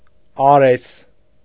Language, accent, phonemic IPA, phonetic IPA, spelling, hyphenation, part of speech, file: Armenian, Eastern Armenian, /ɑˈɾes/, [ɑɾés], Արես, Ա‧րես, proper noun, Hy-Արես.ogg
- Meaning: Ares